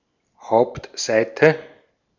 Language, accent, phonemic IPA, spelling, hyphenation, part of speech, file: German, Austria, /ˈhaʊ̯ptˌzaɪ̯tə/, Hauptseite, Haupt‧sei‧te, noun, De-at-Hauptseite.ogg
- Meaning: main page, home page